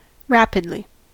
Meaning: With speed; in a rapid manner
- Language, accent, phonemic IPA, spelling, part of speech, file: English, US, /ˈɹæpɪdli/, rapidly, adverb, En-us-rapidly.ogg